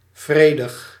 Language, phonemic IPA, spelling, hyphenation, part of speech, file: Dutch, /ˈvreː.dəx/, vredig, vre‧dig, adjective, Nl-vredig.ogg
- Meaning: 1. peaceful 2. calm